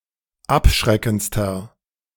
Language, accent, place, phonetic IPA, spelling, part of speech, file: German, Germany, Berlin, [ˈapˌʃʁɛkn̩t͡stɐ], abschreckendster, adjective, De-abschreckendster.ogg
- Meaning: inflection of abschreckend: 1. strong/mixed nominative masculine singular superlative degree 2. strong genitive/dative feminine singular superlative degree 3. strong genitive plural superlative degree